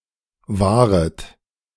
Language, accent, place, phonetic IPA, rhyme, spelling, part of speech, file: German, Germany, Berlin, [ˈvaːʁət], -aːʁət, wahret, verb, De-wahret.ogg
- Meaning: second-person plural subjunctive I of wahren